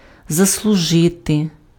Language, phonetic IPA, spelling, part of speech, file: Ukrainian, [zɐsɫʊˈʒɪte], заслужити, verb, Uk-заслужити.ogg
- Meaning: to deserve, to merit, to be worthy of, to earn (followed by direct object, genitive case or на (na) + accusative)